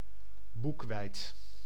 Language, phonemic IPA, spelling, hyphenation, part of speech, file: Dutch, /ˈbuk.ʋɛi̯t/, boekweit, boek‧weit, noun, Nl-boekweit.ogg
- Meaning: buckwheat